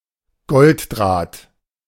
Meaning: gold wire
- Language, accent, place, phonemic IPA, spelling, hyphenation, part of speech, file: German, Germany, Berlin, /ˈɡɔltˌdʁaːt/, Golddraht, Gold‧draht, noun, De-Golddraht.ogg